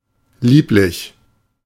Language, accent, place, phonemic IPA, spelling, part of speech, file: German, Germany, Berlin, /ˈliːplɪç/, lieblich, adjective, De-lieblich.ogg
- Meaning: 1. sweet 2. charming; adorable; lovely (of a person, usually female and/or a child) 3. lovely; wonderful